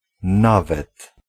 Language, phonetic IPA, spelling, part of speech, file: Polish, [ˈnavɛt], nawet, particle, Pl-nawet.ogg